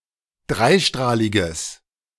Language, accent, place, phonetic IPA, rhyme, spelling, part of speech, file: German, Germany, Berlin, [ˈdʁaɪ̯ˌʃtʁaːlɪɡəs], -aɪ̯ʃtʁaːlɪɡəs, dreistrahliges, adjective, De-dreistrahliges.ogg
- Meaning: strong/mixed nominative/accusative neuter singular of dreistrahlig